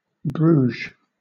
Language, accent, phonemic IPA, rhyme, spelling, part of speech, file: English, Southern England, /bɹuːʒ/, -uːʒ, Bruges, proper noun, LL-Q1860 (eng)-Bruges.wav
- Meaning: 1. The capital city of West Flanders province, Belgium 2. A city and town in Gironde department, Aquitaine, region of Nouvelle-Aquitaine, France